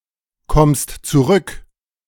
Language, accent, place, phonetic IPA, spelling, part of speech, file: German, Germany, Berlin, [ˌkɔmst t͡suˈʁʏk], kommst zurück, verb, De-kommst zurück.ogg
- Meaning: second-person singular present of zurückkommen